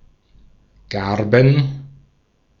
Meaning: plural of Garbe
- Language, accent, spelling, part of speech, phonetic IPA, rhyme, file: German, Austria, Garben, noun, [ˈɡaʁbn̩], -aʁbn̩, De-at-Garben.ogg